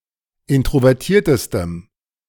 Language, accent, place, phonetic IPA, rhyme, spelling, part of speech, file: German, Germany, Berlin, [ˌɪntʁovɛʁˈtiːɐ̯təstəm], -iːɐ̯təstəm, introvertiertestem, adjective, De-introvertiertestem.ogg
- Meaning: strong dative masculine/neuter singular superlative degree of introvertiert